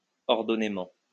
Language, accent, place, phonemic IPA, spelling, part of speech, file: French, France, Lyon, /ɔʁ.dɔ.ne.mɑ̃/, ordonnément, adverb, LL-Q150 (fra)-ordonnément.wav
- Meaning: in an ordered manner